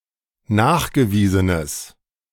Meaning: strong/mixed nominative/accusative neuter singular of nachgewiesen
- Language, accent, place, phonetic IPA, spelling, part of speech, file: German, Germany, Berlin, [ˈnaːxɡəˌviːzənəs], nachgewiesenes, adjective, De-nachgewiesenes.ogg